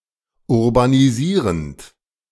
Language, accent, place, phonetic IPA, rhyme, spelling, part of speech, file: German, Germany, Berlin, [ʊʁbaniˈziːʁənt], -iːʁənt, urbanisierend, verb, De-urbanisierend.ogg
- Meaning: present participle of urbanisieren